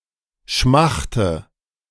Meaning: inflection of schmachten: 1. first-person singular present 2. first/third-person singular subjunctive I 3. singular imperative
- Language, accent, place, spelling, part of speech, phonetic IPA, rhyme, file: German, Germany, Berlin, schmachte, verb, [ˈʃmaxtə], -axtə, De-schmachte.ogg